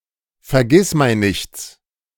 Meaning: genitive of Vergissmeinnicht
- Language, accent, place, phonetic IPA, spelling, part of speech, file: German, Germany, Berlin, [fɛɐ̯ˈɡɪsmaɪ̯nnɪçt͡s], Vergissmeinnichts, noun, De-Vergissmeinnichts.ogg